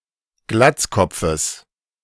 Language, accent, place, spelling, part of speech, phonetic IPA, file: German, Germany, Berlin, Glatzkopfes, noun, [ˈɡlat͡sˌkɔp͡fəs], De-Glatzkopfes.ogg
- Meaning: genitive singular of Glatzkopf